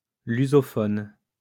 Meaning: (adjective) lusophone; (noun) Lusophone (Portuguese-speaker)
- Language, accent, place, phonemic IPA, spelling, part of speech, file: French, France, Lyon, /ly.zɔ.fɔn/, lusophone, adjective / noun, LL-Q150 (fra)-lusophone.wav